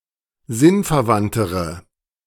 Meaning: inflection of sinnverwandt: 1. strong/mixed nominative/accusative feminine singular comparative degree 2. strong nominative/accusative plural comparative degree
- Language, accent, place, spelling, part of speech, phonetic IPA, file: German, Germany, Berlin, sinnverwandtere, adjective, [ˈzɪnfɛɐ̯ˌvantəʁə], De-sinnverwandtere.ogg